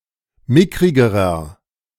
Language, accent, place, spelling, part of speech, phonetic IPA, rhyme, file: German, Germany, Berlin, mickrigerer, adjective, [ˈmɪkʁɪɡəʁɐ], -ɪkʁɪɡəʁɐ, De-mickrigerer.ogg
- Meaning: inflection of mickrig: 1. strong/mixed nominative masculine singular comparative degree 2. strong genitive/dative feminine singular comparative degree 3. strong genitive plural comparative degree